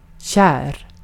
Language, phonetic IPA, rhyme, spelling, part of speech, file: Swedish, [ɕæːr], -æːr, kär, adjective, Sv-kär.ogg
- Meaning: 1. [with i] in love, enamored 2. dear, beloved